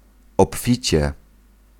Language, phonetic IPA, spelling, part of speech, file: Polish, [ɔpˈfʲit͡ɕɛ], obficie, adverb, Pl-obficie.ogg